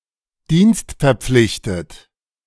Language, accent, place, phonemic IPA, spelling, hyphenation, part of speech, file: German, Germany, Berlin, /ˈdiːnstfɛɐ̯ˌpflɪçtət/, dienstverpflichtet, dienst‧ver‧pflich‧tet, adjective, De-dienstverpflichtet.ogg
- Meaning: obligated to perform a particular service in the event of an emergency